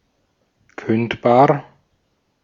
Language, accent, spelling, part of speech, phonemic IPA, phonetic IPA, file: German, Austria, kündbar, adjective, /ˈkʏntbaːr/, [ˈkʏntbaː(ɐ̯)], De-at-kündbar.ogg
- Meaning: 1. terminable (capable of being cancelled, terminated) 2. capable of being dismissed